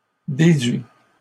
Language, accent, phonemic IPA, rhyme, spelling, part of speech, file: French, Canada, /de.dɥi/, -ɥi, déduis, verb, LL-Q150 (fra)-déduis.wav
- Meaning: inflection of déduire: 1. first/second-person singular present indicative 2. second-person singular imperative